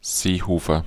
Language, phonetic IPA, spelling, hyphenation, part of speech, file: German, [ˈzeːhoːfɐ], Seehofer, See‧ho‧fer, proper noun, De-Seehofer.ogg
- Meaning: a surname